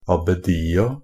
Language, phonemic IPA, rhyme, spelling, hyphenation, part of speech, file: Norwegian Bokmål, /abəˈdiːa/, -iːa, abbedia, ab‧be‧di‧a, noun, NB - Pronunciation of Norwegian Bokmål «abbedia».ogg
- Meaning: definite plural of abbedi